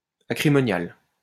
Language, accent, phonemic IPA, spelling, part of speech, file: French, France, /a.kʁi.mɔ.njal/, acrimonial, adjective, LL-Q150 (fra)-acrimonial.wav
- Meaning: ammoniacal